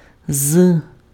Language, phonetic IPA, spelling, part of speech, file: Ukrainian, [z], з, character / preposition, Uk-з.ogg
- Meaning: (character) The tenth letter of the Ukrainian alphabet, called зе (ze) and written in the Cyrillic script; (preposition) from (from inside a place, e.g., a building or a geographical place)